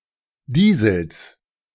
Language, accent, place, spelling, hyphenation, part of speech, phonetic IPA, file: German, Germany, Berlin, Diesels, Die‧sels, noun, [ˈdiːzl̩s], De-Diesels.ogg
- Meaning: genitive singular of Diesel